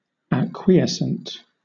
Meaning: 1. Willing to acquiesce, accept or agree to something without objection, protest or resistance 2. Resting satisfied or submissive; disposed tacitly to submit
- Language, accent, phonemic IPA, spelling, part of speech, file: English, Southern England, /æˈkwi.ɛsn̩t/, acquiescent, adjective, LL-Q1860 (eng)-acquiescent.wav